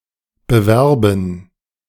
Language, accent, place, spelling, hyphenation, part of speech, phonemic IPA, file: German, Germany, Berlin, bewerben, be‧wer‧ben, verb, /bəˈvɛrbən/, De-bewerben.ogg
- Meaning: 1. to apply (submit oneself as a candidate) 2. to try to win (someone's) favour/favor; to court 3. to advertise